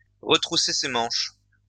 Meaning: to roll up one's sleeves, to pull one's socks up
- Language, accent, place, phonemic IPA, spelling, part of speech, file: French, France, Lyon, /ʁə.tʁu.se se mɑ̃ʃ/, retrousser ses manches, verb, LL-Q150 (fra)-retrousser ses manches.wav